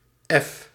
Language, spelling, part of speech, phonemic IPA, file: Dutch, F, character, /ɛf/, Nl-F.ogg
- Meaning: the sixth letter of the Dutch alphabet